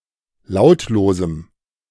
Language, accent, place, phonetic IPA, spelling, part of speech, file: German, Germany, Berlin, [ˈlaʊ̯tloːzm̩], lautlosem, adjective, De-lautlosem.ogg
- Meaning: strong dative masculine/neuter singular of lautlos